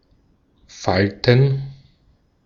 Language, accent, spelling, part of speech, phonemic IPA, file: German, Austria, falten, verb, /ˈfaltən/, De-at-falten.ogg
- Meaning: to fold